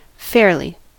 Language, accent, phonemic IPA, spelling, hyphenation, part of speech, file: English, US, /ˈfeɹ.li/, fairly, fair‧ly, adverb, En-us-fairly.ogg
- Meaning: 1. In a fair manner; fair; not biased or skewed or favouring a certain party 2. Favorably; auspiciously; commodiously 3. Honestly; properly 4. Softly; quietly; gently 5. Partly, not fully; somewhat